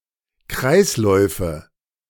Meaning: nominative/accusative/genitive plural of Kreislauf
- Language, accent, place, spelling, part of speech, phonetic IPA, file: German, Germany, Berlin, Kreisläufe, noun, [ˈkʁaɪ̯sˌlɔɪ̯fə], De-Kreisläufe.ogg